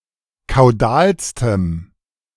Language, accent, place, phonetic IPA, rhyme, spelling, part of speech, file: German, Germany, Berlin, [kaʊ̯ˈdaːlstəm], -aːlstəm, kaudalstem, adjective, De-kaudalstem.ogg
- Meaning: strong dative masculine/neuter singular superlative degree of kaudal